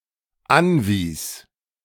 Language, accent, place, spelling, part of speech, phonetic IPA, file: German, Germany, Berlin, anwies, verb, [ˈanˌviːs], De-anwies.ogg
- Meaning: first/third-person singular dependent preterite of anweisen